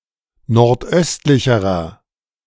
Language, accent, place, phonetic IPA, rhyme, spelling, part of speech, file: German, Germany, Berlin, [nɔʁtˈʔœstlɪçəʁɐ], -œstlɪçəʁɐ, nordöstlicherer, adjective, De-nordöstlicherer.ogg
- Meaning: inflection of nordöstlich: 1. strong/mixed nominative masculine singular comparative degree 2. strong genitive/dative feminine singular comparative degree 3. strong genitive plural comparative degree